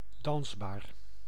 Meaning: danceable
- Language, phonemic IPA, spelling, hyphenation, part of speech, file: Dutch, /ˈdɑns.baːr/, dansbaar, dans‧baar, adjective, Nl-dansbaar.ogg